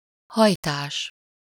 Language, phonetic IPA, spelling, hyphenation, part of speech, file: Hungarian, [ˈhɒjtaːʃ], hajtás, haj‧tás, noun, Hu-hajtás.ogg
- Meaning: 1. verbal noun of hajt, fold (the act of folding) 2. fold, pleat 3. sprout, bud, shoot 4. rush, haste (at work)